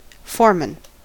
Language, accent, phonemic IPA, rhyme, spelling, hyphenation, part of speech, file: English, US, /ˈfɔː(ɹ).mən/, -ɔː(ɹ)mən, foreman, fore‧man, noun, En-us-foreman.ogg
- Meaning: A workplace leader.: 1. The leader of a work crew 2. The boss or manager of a particular workplace or section of a workplace, particularly a factory